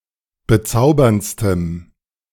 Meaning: strong dative masculine/neuter singular superlative degree of bezaubernd
- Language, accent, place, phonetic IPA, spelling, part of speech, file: German, Germany, Berlin, [bəˈt͡saʊ̯bɐntstəm], bezauberndstem, adjective, De-bezauberndstem.ogg